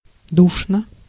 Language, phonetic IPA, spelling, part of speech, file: Russian, [ˈduʂnə], душно, adverb / adjective, Ru-душно.ogg
- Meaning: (adverb) stuffily (in a poorly-ventilated and close manner); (adjective) short neuter singular of ду́шный (dúšnyj)